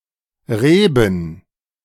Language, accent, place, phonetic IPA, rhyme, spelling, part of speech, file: German, Germany, Berlin, [ˈʁeːbn̩], -eːbn̩, Reben, noun, De-Reben.ogg
- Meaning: plural of Rebe